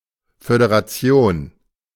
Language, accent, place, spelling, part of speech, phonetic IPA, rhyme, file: German, Germany, Berlin, Föderation, noun, [fødeʁaˈt͡si̯oːn], -oːn, De-Föderation.ogg
- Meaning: 1. federation (a union or alliance of organizations, both nationally and internationally) 2. federation (a federal state)